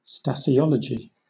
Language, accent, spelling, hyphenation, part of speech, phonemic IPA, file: English, Southern England, stasiology, sta‧si‧o‧lo‧gy, noun, /stasɪˈɒlədʒi/, LL-Q1860 (eng)-stasiology.wav
- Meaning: 1. The study of political parties 2. The process by which a governing body remains static or self-perpetuating due to internal conflict